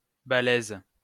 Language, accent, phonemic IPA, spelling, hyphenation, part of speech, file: French, France, /ba.lɛz/, balèze, ba‧lèze, adjective, LL-Q150 (fra)-balèze.wav
- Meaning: 1. hefty; sturdy 2. strong, powerful 3. difficult